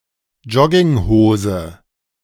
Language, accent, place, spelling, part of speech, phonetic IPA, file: German, Germany, Berlin, Jogginghose, noun, [ˈd͡ʒɔɡɪŋˌhoːzə], De-Jogginghose.ogg
- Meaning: sweatpants; jogging bottoms (casual trousers made of cotton or a similar fairly thick fabric)